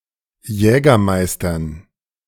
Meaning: dative plural of Jägermeister
- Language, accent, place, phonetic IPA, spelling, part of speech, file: German, Germany, Berlin, [ˈjɛːɡɐˌmaɪ̯stɐn], Jägermeistern, noun, De-Jägermeistern.ogg